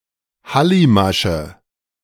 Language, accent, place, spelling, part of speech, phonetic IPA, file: German, Germany, Berlin, Hallimasche, noun, [ˈhalimaʃə], De-Hallimasche.ogg
- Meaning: nominative/accusative/genitive plural of Hallimasch